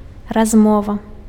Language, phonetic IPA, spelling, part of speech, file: Belarusian, [razˈmova], размова, noun, Be-размова.ogg
- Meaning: conversation, talk